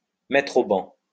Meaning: to ban, to ostracize, to exclude, to reject
- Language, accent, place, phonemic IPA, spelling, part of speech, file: French, France, Lyon, /mɛtʁ o bɑ̃/, mettre au ban, verb, LL-Q150 (fra)-mettre au ban.wav